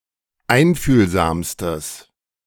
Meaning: strong/mixed nominative/accusative neuter singular superlative degree of einfühlsam
- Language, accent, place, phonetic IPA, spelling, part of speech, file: German, Germany, Berlin, [ˈaɪ̯nfyːlzaːmstəs], einfühlsamstes, adjective, De-einfühlsamstes.ogg